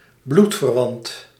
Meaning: a blood relative
- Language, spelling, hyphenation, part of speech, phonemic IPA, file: Dutch, bloedverwant, bloed‧ver‧want, noun, /ˈblut.vərˌʋɑnt/, Nl-bloedverwant.ogg